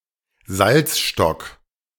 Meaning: salt dome
- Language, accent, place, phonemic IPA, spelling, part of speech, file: German, Germany, Berlin, /ˈzalt͡sʃtɔk/, Salzstock, noun, De-Salzstock.ogg